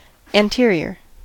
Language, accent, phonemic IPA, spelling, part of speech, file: English, General American, /ænˈtɪɹ.i.ɚ/, anterior, adjective, En-us-anterior.ogg
- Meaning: Nearer the forward end, especially in the front of the body; nearer the head or forepart of an animal